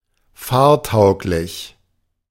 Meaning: able or fit to drive (of a person)
- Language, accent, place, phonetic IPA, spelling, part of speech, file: German, Germany, Berlin, [ˈfaːɐ̯ˌtaʊ̯klɪç], fahrtauglich, adjective, De-fahrtauglich.ogg